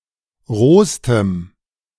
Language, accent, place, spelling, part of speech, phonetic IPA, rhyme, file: German, Germany, Berlin, rohstem, adjective, [ˈʁoːstəm], -oːstəm, De-rohstem.ogg
- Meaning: strong dative masculine/neuter singular superlative degree of roh